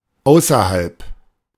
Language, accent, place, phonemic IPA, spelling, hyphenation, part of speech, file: German, Germany, Berlin, /ˈaʊ̯sɐhalp/, außerhalb, au‧ßer‧halb, preposition / adverb, De-außerhalb.ogg
- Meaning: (preposition) 1. outside (of), beyond 2. outside; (adverb) 1. outside, beyond 2. out of town